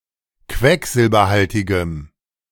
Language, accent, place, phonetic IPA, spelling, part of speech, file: German, Germany, Berlin, [ˈkvɛkzɪlbɐˌhaltɪɡəm], quecksilberhaltigem, adjective, De-quecksilberhaltigem.ogg
- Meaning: strong dative masculine/neuter singular of quecksilberhaltig